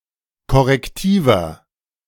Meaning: inflection of korrektiv: 1. strong/mixed nominative masculine singular 2. strong genitive/dative feminine singular 3. strong genitive plural
- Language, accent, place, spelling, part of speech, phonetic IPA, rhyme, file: German, Germany, Berlin, korrektiver, adjective, [kɔʁɛkˈtiːvɐ], -iːvɐ, De-korrektiver.ogg